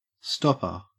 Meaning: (noun) 1. Someone or something that stops something 2. A type of knot at the end of a rope, to prevent it from unravelling 3. A bung or cork 4. Goalkeeper
- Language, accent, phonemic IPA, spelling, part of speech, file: English, Australia, /ˈstɔp.ə/, stopper, noun / verb, En-au-stopper.ogg